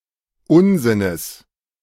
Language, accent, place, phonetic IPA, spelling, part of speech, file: German, Germany, Berlin, [ˈʊnzɪnəs], Unsinnes, noun, De-Unsinnes.ogg
- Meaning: genitive of Unsinn